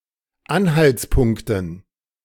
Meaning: dative plural of Anhaltspunkt
- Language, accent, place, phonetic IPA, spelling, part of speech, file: German, Germany, Berlin, [ˈanhalt͡sˌpʊŋktn̩], Anhaltspunkten, noun, De-Anhaltspunkten.ogg